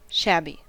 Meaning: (adjective) 1. Of clothing, a place, etc.: unkempt and worn or otherwise in poor condition due to age or neglect; scruffy 2. Of a person: wearing ragged or very worn, and often dirty, clothing
- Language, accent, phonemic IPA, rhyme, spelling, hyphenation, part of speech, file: English, General American, /ˈʃæbi/, -æbi, shabby, shab‧by, adjective / verb, En-us-shabby.ogg